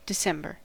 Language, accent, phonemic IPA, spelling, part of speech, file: English, US, /dɪˈsɛm.bɚ/, December, proper noun, En-us-December.ogg
- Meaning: The twelfth and last month of the Gregorian calendar, following November and preceding the January of the following year, containing the southern solstice